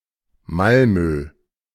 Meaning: Malmö (a city in Sweden)
- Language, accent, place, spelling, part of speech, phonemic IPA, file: German, Germany, Berlin, Malmö, proper noun, /ˈmalmøː/, De-Malmö.ogg